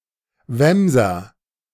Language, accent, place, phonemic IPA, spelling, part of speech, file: German, Germany, Berlin, /ˈvɛmzɐ/, Wämser, noun, De-Wämser.ogg
- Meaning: nominative/accusative/genitive plural of Wams